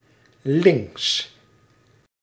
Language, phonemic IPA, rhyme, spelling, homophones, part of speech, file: Dutch, /lɪŋks/, -ɪŋks, links, lynx, adverb / adjective / noun, Nl-links.ogg
- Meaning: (adverb) 1. on the left 2. to the left; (adjective) 1. left 2. left-wing, leftist, belonging to the ideological left 3. left-handed